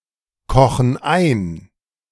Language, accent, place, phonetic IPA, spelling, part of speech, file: German, Germany, Berlin, [ˌkɔxn̩ ˈaɪ̯n], kochen ein, verb, De-kochen ein.ogg
- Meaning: inflection of einkochen: 1. first/third-person plural present 2. first/third-person plural subjunctive I